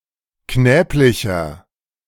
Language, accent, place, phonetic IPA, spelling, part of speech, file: German, Germany, Berlin, [ˈknɛːplɪçɐ], knäblicher, adjective, De-knäblicher.ogg
- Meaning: inflection of knäblich: 1. strong/mixed nominative masculine singular 2. strong genitive/dative feminine singular 3. strong genitive plural